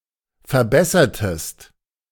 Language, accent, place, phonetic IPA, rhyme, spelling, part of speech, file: German, Germany, Berlin, [fɛɐ̯ˈbɛsɐtəst], -ɛsɐtəst, verbessertest, verb, De-verbessertest.ogg
- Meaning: inflection of verbessern: 1. second-person singular preterite 2. second-person singular subjunctive II